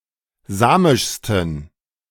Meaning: 1. superlative degree of samisch 2. inflection of samisch: strong genitive masculine/neuter singular superlative degree
- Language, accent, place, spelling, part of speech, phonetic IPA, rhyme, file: German, Germany, Berlin, samischsten, adjective, [ˈzaːmɪʃstn̩], -aːmɪʃstn̩, De-samischsten.ogg